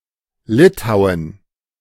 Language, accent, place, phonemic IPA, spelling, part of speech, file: German, Germany, Berlin, /ˈlɪtaʊ̯ən/, Litauen, proper noun, De-Litauen.ogg
- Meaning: Lithuania (a country in northeastern Europe)